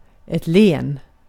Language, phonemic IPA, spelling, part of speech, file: Swedish, /lɛːn/, län, noun, Sv-län.ogg
- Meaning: 1. fief, fiefdom 2. a county, a political subdivision of the Swedish state roughly corresponding to a British county 3. alternative form of len (“friend, buddy, pal”)